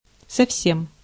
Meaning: 1. quite, entirely, totally 2. at all
- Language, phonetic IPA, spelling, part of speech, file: Russian, [sɐfˈsʲem], совсем, adverb, Ru-совсем.ogg